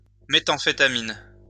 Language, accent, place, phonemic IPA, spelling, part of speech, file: French, France, Lyon, /me.tɑ̃.fe.ta.min/, méthamphétamine, noun, LL-Q150 (fra)-méthamphétamine.wav
- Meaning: methamphetamine